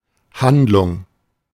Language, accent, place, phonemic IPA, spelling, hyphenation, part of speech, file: German, Germany, Berlin, /ˈhandlʊŋ/, Handlung, Hand‧lung, noun, De-Handlung.ogg
- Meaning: 1. plot (e.g. of a play) 2. deed (result of an act) 3. action, act 4. store, shop